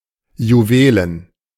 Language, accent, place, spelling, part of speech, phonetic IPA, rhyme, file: German, Germany, Berlin, juwelen, adjective, [juˈveːlən], -eːlən, De-juwelen.ogg
- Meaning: jewel